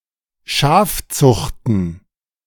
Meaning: plural of Schafzucht
- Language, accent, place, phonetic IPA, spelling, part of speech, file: German, Germany, Berlin, [ˈʃaːfˌt͡sʊxtn̩], Schafzuchten, noun, De-Schafzuchten.ogg